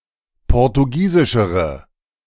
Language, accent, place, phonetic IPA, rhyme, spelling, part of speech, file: German, Germany, Berlin, [ˌpɔʁtuˈɡiːzɪʃəʁə], -iːzɪʃəʁə, portugiesischere, adjective, De-portugiesischere.ogg
- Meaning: inflection of portugiesisch: 1. strong/mixed nominative/accusative feminine singular comparative degree 2. strong nominative/accusative plural comparative degree